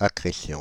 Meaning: accretion (growth by natural means)
- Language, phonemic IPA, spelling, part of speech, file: French, /a.kʁe.sjɔ̃/, accrétion, noun, Fr-accrétion.ogg